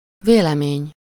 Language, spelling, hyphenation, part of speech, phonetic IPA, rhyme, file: Hungarian, vélemény, vé‧le‧mény, noun, [ˈveːlɛmeːɲ], -eːɲ, Hu-vélemény.ogg
- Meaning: opinion (subjective thought)